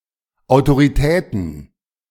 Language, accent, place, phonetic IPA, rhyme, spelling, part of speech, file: German, Germany, Berlin, [aʊ̯toʁiˈtɛːtn̩], -ɛːtn̩, Autoritäten, noun, De-Autoritäten.ogg
- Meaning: plural of Autorität